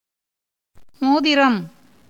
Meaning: ring (ornament)
- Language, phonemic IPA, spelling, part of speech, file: Tamil, /moːd̪ɪɾɐm/, மோதிரம், noun, Ta-மோதிரம்.ogg